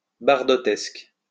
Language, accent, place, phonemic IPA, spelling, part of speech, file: French, France, Lyon, /baʁ.dɔ.tɛsk/, bardotesque, adjective, LL-Q150 (fra)-bardotesque.wav
- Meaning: of Brigitte Bardot; Bardotesque